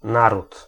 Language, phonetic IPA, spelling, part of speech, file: Polish, [ˈnarut], naród, noun, Pl-naród.ogg